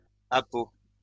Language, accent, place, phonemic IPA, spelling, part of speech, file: French, France, Lyon, /a.po/, appeau, noun, LL-Q150 (fra)-appeau.wav
- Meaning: 1. duck call 2. decoy